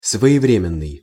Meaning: timely, well-timed; opportune
- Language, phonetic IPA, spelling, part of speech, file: Russian, [svə(j)ɪˈvrʲemʲɪn(ː)ɨj], своевременный, adjective, Ru-своевременный.ogg